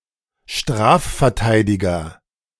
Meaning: criminal defense attorney
- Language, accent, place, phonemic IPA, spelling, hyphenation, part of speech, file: German, Germany, Berlin, /ˈʃtʁaːffɛɐ̯ˌtaɪ̯dɪɡɐ/, Strafverteidiger, Straf‧ver‧tei‧di‧ger, noun, De-Strafverteidiger.ogg